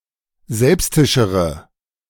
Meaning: inflection of selbstisch: 1. strong/mixed nominative/accusative feminine singular comparative degree 2. strong nominative/accusative plural comparative degree
- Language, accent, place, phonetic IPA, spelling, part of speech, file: German, Germany, Berlin, [ˈzɛlpstɪʃəʁə], selbstischere, adjective, De-selbstischere.ogg